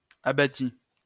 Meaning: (noun) 1. rubble 2. an area that has been cleared of trees, but not yet of their stumps 3. giblets 4. abatis 5. limbs; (verb) first/second-person singular past historic of abattre
- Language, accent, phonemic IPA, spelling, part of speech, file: French, France, /a.ba.ti/, abattis, noun / verb, LL-Q150 (fra)-abattis.wav